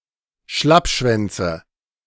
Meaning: nominative/accusative/genitive plural of Schlappschwanz
- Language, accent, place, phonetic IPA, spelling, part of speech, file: German, Germany, Berlin, [ˈʃlapˌʃvɛnt͡sə], Schlappschwänze, noun, De-Schlappschwänze.ogg